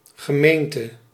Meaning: 1. municipality, commune 2. congregation
- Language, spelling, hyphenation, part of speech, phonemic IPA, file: Dutch, gemeente, ge‧meen‧te, noun, /ɣəˈmeːn.tə/, Nl-gemeente.ogg